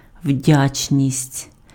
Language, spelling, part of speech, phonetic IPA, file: Ukrainian, вдячність, noun, [ˈwdʲat͡ʃnʲisʲtʲ], Uk-вдячність.ogg
- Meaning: gratitude, gratefulness, thankfulness